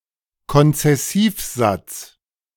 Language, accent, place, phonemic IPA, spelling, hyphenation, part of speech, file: German, Germany, Berlin, /kɔnt͡sɛˈsiːfˌzat͡s/, Konzessivsatz, Kon‧zes‧siv‧satz, noun, De-Konzessivsatz.ogg
- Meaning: concessive clause